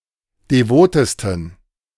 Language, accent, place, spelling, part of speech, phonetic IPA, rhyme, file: German, Germany, Berlin, devotesten, adjective, [deˈvoːtəstn̩], -oːtəstn̩, De-devotesten.ogg
- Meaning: 1. superlative degree of devot 2. inflection of devot: strong genitive masculine/neuter singular superlative degree